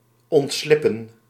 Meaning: 1. to slip away, slide away 2. to escape, evade, get away
- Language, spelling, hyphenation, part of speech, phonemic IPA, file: Dutch, ontslippen, ont‧slip‧pen, verb, /ˌɔntˈslɪpə(n)/, Nl-ontslippen.ogg